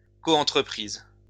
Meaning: joint venture (a cooperative business partnership)
- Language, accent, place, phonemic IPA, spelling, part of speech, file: French, France, Lyon, /ko.ɑ̃.tʁə.pʁiz/, coentreprise, noun, LL-Q150 (fra)-coentreprise.wav